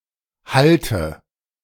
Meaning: inflection of halten: 1. first-person singular present 2. first/third-person singular subjunctive I 3. singular imperative
- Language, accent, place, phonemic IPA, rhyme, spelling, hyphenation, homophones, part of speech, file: German, Germany, Berlin, /ˈhal.tə/, -altə, halte, hal‧te, hallte / Halte, verb, De-halte.ogg